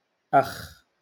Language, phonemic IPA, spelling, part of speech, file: Moroccan Arabic, /ʔaxː/, أخ, noun, LL-Q56426 (ary)-أخ.wav
- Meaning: brother, male sibling